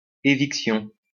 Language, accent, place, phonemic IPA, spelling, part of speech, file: French, France, Lyon, /e.vik.sjɔ̃/, éviction, noun, LL-Q150 (fra)-éviction.wav
- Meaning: eviction (the act of evicting)